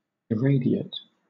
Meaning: 1. Made brilliant or bright; irradiated, illuminated 2. Made splendid or wonderful
- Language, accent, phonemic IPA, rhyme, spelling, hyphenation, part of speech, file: English, Southern England, /ɪˈɹeɪdɪət/, -eɪdɪət, irradiate, ir‧rad‧i‧ate, adjective, LL-Q1860 (eng)-irradiate.wav